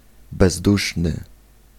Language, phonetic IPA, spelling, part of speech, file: Polish, [bɛzˈduʃnɨ], bezduszny, adjective, Pl-bezduszny.ogg